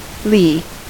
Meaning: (noun) 1. A protected cove or harbor, out of the wind 2. The side of the ship away from the wind
- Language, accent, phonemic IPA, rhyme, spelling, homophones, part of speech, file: English, US, /liː/, -iː, lee, le / lea / Lea / Lee / leigh / Leigh / li / Li / Lie, noun / adjective, En-us-lee.ogg